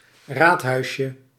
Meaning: diminutive of raadhuis
- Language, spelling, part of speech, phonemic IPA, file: Dutch, raadhuisje, noun, /ˈrathœyʃə/, Nl-raadhuisje.ogg